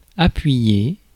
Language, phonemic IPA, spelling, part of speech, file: French, /a.pɥi.je/, appuyer, verb, Fr-appuyer.ogg
- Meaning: 1. to press, push 2. to rest 3. to support, to back 4. to lean 5. to depend, to rely 6. to put up with